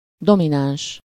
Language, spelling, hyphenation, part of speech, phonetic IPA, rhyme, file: Hungarian, domináns, do‧mi‧náns, adjective / noun, [ˈdominaːnʃ], -aːnʃ, Hu-domináns.ogg
- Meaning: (adjective) dominant; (noun) dominant (the fifth major tone of a musical scale)